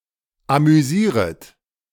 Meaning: second-person plural subjunctive I of amüsieren
- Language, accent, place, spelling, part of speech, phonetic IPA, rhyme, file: German, Germany, Berlin, amüsieret, verb, [amyˈziːʁət], -iːʁət, De-amüsieret.ogg